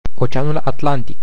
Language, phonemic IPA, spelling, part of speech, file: Romanian, /oˈt͡ʃe̯a.nul atˈlan.tik/, Oceanul Atlantic, proper noun, Ro-Oceanul Atlantic.ogg
- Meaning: Atlantic Ocean (the ocean lying between the Americas to the west and Europe and Africa to the east)